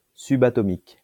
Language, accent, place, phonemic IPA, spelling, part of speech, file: French, France, Lyon, /sy.ba.tɔ.mik/, subatomique, adjective, LL-Q150 (fra)-subatomique.wav
- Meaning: subatomic